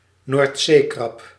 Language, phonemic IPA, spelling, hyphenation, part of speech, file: Dutch, /ˈnoːrt.seːˌkrɑp/, noordzeekrab, noord‧zee‧krab, noun, Nl-noordzeekrab.ogg
- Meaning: brown crab, edible crab (Cancer pagurus)